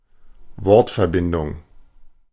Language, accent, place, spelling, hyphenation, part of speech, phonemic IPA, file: German, Germany, Berlin, Wortverbindung, Wort‧ver‧bin‧dung, noun, /ˈvɔʁtfɛɐ̯ˌbɪndʊŋ/, De-Wortverbindung.ogg
- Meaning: collocation